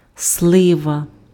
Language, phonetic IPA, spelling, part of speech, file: Ukrainian, [ˈsɫɪʋɐ], слива, noun, Uk-слива.ogg
- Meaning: plum (tree and fruit)